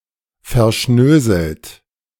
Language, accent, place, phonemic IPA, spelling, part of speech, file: German, Germany, Berlin, /fɛɐ̯ˈʃnøːzl̩t/, verschnöselt, adjective, De-verschnöselt.ogg
- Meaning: snobbish